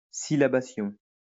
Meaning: syllabification
- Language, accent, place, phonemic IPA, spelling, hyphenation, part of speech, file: French, France, Lyon, /si.la.ba.sjɔ̃/, syllabation, syl‧la‧ba‧tion, noun, LL-Q150 (fra)-syllabation.wav